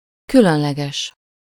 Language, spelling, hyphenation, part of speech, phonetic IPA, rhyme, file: Hungarian, különleges, kü‧lön‧le‧ges, adjective, [ˈkylønlɛɡɛʃ], -ɛʃ, Hu-különleges.ogg
- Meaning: special (distinguished by a unique or unusual quality)